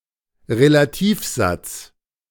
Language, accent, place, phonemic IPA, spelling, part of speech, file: German, Germany, Berlin, /ʁelaˈtiːfˌzat͡s/, Relativsatz, noun, De-Relativsatz.ogg
- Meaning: relative clause